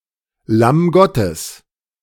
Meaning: Lamb of God (biblical title of Jesus Christ)
- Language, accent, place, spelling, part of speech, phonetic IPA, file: German, Germany, Berlin, Lamm Gottes, phrase, [lam ˈɡɔtəs], De-Lamm Gottes.ogg